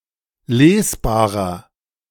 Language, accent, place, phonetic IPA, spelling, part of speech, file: German, Germany, Berlin, [ˈleːsˌbaːʁɐ], lesbarer, adjective, De-lesbarer.ogg
- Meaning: 1. comparative degree of lesbar 2. inflection of lesbar: strong/mixed nominative masculine singular 3. inflection of lesbar: strong genitive/dative feminine singular